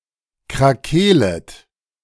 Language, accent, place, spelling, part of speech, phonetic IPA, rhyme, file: German, Germany, Berlin, krakeelet, verb, [kʁaˈkeːlət], -eːlət, De-krakeelet.ogg
- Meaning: second-person plural subjunctive I of krakeelen